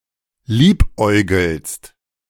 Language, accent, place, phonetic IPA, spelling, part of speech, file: German, Germany, Berlin, [ˈliːpˌʔɔɪ̯ɡl̩st], liebäugelst, verb, De-liebäugelst.ogg
- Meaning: second-person singular present of liebäugeln